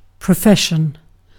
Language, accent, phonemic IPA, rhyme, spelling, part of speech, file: English, UK, /pɹəˈfɛʃ.ən/, -ɛʃən, profession, noun, En-uk-profession.ogg
- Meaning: A declaration of faith.: 1. A promise or vow made on entering a religious order 2. The declaration of belief in the principles of a religion; hence, one's faith or religion